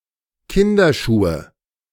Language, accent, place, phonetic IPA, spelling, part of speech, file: German, Germany, Berlin, [ˈkɪndɐˌʃuːə], Kinderschuhe, noun, De-Kinderschuhe.ogg
- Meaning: nominative/accusative/genitive plural of Kinderschuh